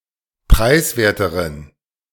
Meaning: inflection of preiswert: 1. strong genitive masculine/neuter singular comparative degree 2. weak/mixed genitive/dative all-gender singular comparative degree
- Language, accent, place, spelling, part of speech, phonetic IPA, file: German, Germany, Berlin, preiswerteren, adjective, [ˈpʁaɪ̯sˌveːɐ̯təʁən], De-preiswerteren.ogg